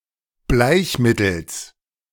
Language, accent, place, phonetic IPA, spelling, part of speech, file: German, Germany, Berlin, [ˈblaɪ̯çˌmɪtl̩s], Bleichmittels, noun, De-Bleichmittels.ogg
- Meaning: genitive singular of Bleichmittel